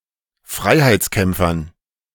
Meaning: dative plural of Freiheitskämpfer
- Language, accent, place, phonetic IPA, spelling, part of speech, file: German, Germany, Berlin, [ˈfʁaɪ̯haɪ̯t͡sˌkɛmp͡fɐn], Freiheitskämpfern, noun, De-Freiheitskämpfern.ogg